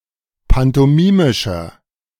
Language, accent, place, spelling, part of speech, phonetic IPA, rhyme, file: German, Germany, Berlin, pantomimischer, adjective, [pantɔˈmiːmɪʃɐ], -iːmɪʃɐ, De-pantomimischer.ogg
- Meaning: inflection of pantomimisch: 1. strong/mixed nominative masculine singular 2. strong genitive/dative feminine singular 3. strong genitive plural